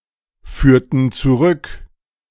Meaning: inflection of zurückführen: 1. first/third-person plural preterite 2. first/third-person plural subjunctive II
- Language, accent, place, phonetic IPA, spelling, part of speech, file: German, Germany, Berlin, [ˌfyːɐ̯tn̩ t͡suˈʁʏk], führten zurück, verb, De-führten zurück.ogg